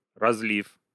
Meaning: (verb) short past adverbial perfective participle of разли́ть (razlítʹ): having been poured; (noun) 1. flood, overflow 2. bottling 3. spill
- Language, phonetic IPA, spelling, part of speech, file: Russian, [rɐz⁽ʲ⁾ˈlʲif], разлив, verb / noun, Ru-разлив.ogg